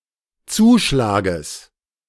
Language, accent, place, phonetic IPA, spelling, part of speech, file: German, Germany, Berlin, [ˈt͡suːˌʃlaːɡəs], Zuschlages, noun, De-Zuschlages.ogg
- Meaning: genitive singular of Zuschlag